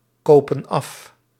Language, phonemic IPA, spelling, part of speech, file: Dutch, /ˈkoːpə(n)ˈɑf/, kopen af, verb, Nl-kopen af.ogg
- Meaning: inflection of afkopen: 1. plural present indicative 2. plural present subjunctive